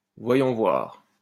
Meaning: let's see, let me see
- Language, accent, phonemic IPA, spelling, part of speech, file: French, France, /vwa.jɔ̃ vwaʁ/, voyons voir, interjection, LL-Q150 (fra)-voyons voir.wav